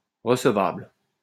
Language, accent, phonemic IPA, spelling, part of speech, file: French, France, /ʁə.s(ə).vabl/, recevable, adjective, LL-Q150 (fra)-recevable.wav
- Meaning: 1. acceptable, admissible 2. receivable 3. admissible